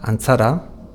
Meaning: goose
- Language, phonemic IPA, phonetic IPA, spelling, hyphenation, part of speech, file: Basque, /ant͡s̻aɾa/, [ãn.t͡s̻a.ɾa], antzara, an‧tza‧ra, noun, Eus-antzara.ogg